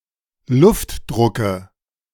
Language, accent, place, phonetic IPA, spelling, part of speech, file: German, Germany, Berlin, [ˈlʊftˌdʁʊkə], Luftdrucke, noun, De-Luftdrucke.ogg
- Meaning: nominative/accusative/genitive plural of Luftdruck